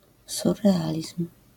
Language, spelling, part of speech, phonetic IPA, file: Polish, surrealizm, noun, [ˌsurːɛˈalʲism̥], LL-Q809 (pol)-surrealizm.wav